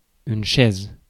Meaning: chair, seat
- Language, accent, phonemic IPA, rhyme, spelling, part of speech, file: French, France, /ʃɛz/, -ɛz, chaise, noun, Fr-chaise.ogg